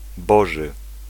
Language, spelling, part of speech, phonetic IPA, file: Polish, boży, adjective, [ˈbɔʒɨ], Pl-boży.ogg